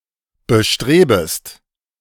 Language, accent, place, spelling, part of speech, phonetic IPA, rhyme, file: German, Germany, Berlin, bestrebest, verb, [bəˈʃtʁeːbəst], -eːbəst, De-bestrebest.ogg
- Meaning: second-person singular subjunctive I of bestreben